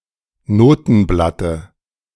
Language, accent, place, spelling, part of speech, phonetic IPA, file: German, Germany, Berlin, Notenblatte, noun, [ˈnoːtn̩ˌblatə], De-Notenblatte.ogg
- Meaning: dative of Notenblatt